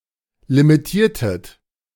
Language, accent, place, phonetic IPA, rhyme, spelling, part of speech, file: German, Germany, Berlin, [limiˈtiːɐ̯tət], -iːɐ̯tət, limitiertet, verb, De-limitiertet.ogg
- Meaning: inflection of limitieren: 1. second-person plural preterite 2. second-person plural subjunctive II